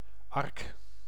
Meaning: 1. ark (ark of the covenant) 2. ark (ship) 3. houseboat
- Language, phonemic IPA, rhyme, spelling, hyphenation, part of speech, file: Dutch, /ɑrk/, -ɑrk, ark, ark, noun, Nl-ark.ogg